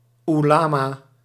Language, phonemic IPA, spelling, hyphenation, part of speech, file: Dutch, /u.laː.maː/, oelama, oe‧la‧ma, noun, Nl-oelama.ogg
- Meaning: ulema: 1. Islamic religious specialists 2. the community of Islamic experts